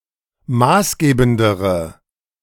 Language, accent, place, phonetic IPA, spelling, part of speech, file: German, Germany, Berlin, [ˈmaːsˌɡeːbn̩dəʁə], maßgebendere, adjective, De-maßgebendere.ogg
- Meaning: inflection of maßgebend: 1. strong/mixed nominative/accusative feminine singular comparative degree 2. strong nominative/accusative plural comparative degree